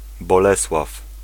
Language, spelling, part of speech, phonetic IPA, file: Polish, Bolesław, proper noun / noun, [bɔˈlɛswaf], Pl-Bolesław.ogg